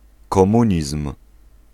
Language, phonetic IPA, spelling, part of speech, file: Polish, [kɔ̃ˈmũɲism̥], komunizm, noun, Pl-komunizm.ogg